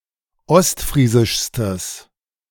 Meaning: strong/mixed nominative/accusative neuter singular superlative degree of ostfriesisch
- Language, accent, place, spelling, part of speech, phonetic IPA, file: German, Germany, Berlin, ostfriesischstes, adjective, [ˈɔstˌfʁiːzɪʃstəs], De-ostfriesischstes.ogg